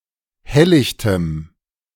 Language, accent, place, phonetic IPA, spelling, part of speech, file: German, Germany, Berlin, [ˈhɛllɪçtəm], helllichtem, adjective, De-helllichtem.ogg
- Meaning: strong dative masculine/neuter singular of helllicht